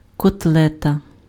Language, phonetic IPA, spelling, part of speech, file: Ukrainian, [kɔtˈɫɛtɐ], котлета, noun, Uk-котлета.ogg
- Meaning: 1. meat patty, meatball, frikadelle 2. cutlet, chop